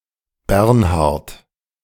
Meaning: 1. a male given name from Old High German, equivalent to English Bernard 2. a surname transferred from the given name
- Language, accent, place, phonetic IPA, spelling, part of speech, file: German, Germany, Berlin, [ˈbɛʁnhaʁt], Bernhardt, proper noun, De-Bernhardt.ogg